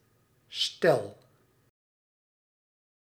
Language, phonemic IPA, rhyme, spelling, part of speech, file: Dutch, /stɛl/, -ɛl, stel, noun / adjective / verb, Nl-stel.ogg
- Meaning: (noun) 1. couple, pair 2. group, set, collection 3. a couple (of), a few; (adjective) alternative form of stil; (verb) inflection of stellen: first-person singular present indicative